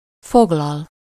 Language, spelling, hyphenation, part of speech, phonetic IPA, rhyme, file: Hungarian, foglal, fog‧lal, verb, [ˈfoɡlɒl], -ɒl, Hu-foglal.ogg
- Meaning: 1. to reserve, book 2. to occupy, seize 3. to include, insert, incorporate, fit in, put (one thing inside a bigger entity, such as a system)